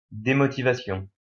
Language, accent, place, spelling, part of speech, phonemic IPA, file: French, France, Lyon, démotivation, noun, /de.mɔ.ti.va.sjɔ̃/, LL-Q150 (fra)-démotivation.wav
- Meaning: demotivation